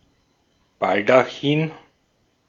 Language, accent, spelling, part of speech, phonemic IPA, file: German, Austria, Baldachin, noun, /ˈbaldaˌxiːn/, De-at-Baldachin.ogg
- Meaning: canopy, dais, baldaquin (ornamental roof over an altar, throne, bed etc.)